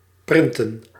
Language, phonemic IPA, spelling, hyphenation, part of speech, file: Dutch, /ˈprɪn.tə(n)/, printen, prin‧ten, verb, Nl-printen.ogg
- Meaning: to print